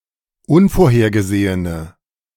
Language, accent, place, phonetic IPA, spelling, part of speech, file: German, Germany, Berlin, [ˈʊnfoːɐ̯heːɐ̯ɡəˌzeːənə], unvorhergesehene, adjective, De-unvorhergesehene.ogg
- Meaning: inflection of unvorhergesehen: 1. strong/mixed nominative/accusative feminine singular 2. strong nominative/accusative plural 3. weak nominative all-gender singular